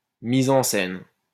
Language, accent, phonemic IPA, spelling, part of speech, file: French, France, /mi.z‿ɑ̃ sɛn/, mise en scène, noun, LL-Q150 (fra)-mise en scène.wav
- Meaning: 1. mise en scène, staging (arrangement on a stage) 2. contextualization (creation of a context for a story) 3. false flag (staged event)